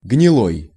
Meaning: 1. rotten, putrid 2. damp (of the weather or climate) 3. weak, infirm
- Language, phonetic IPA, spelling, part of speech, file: Russian, [ɡnʲɪˈɫoj], гнилой, adjective, Ru-гнилой.ogg